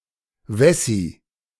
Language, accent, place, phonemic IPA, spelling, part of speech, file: German, Germany, Berlin, /ˈvɛsi/, Wessi, noun, De-Wessi.ogg
- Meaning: a person from the area of the former West Germany, used to distinguish them from a person from the former East Germany